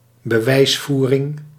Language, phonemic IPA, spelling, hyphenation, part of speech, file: Dutch, /bəˈʋɛi̯sˌfuː.rɪŋ/, bewijsvoering, be‧wijs‧voe‧ring, noun, Nl-bewijsvoering.ogg
- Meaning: the argumentation applied to prove or plead a case